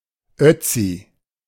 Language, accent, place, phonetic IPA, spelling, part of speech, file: German, Germany, Berlin, [ˈœt͡si], Ötzi, noun, De-Ötzi.ogg
- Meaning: Ötzi, a mummified man discovered in the Ötztal Alps